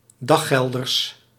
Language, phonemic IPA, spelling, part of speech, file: Dutch, /ˈdɑxɛldərs/, daggelders, noun, Nl-daggelders.ogg
- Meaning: plural of daggelder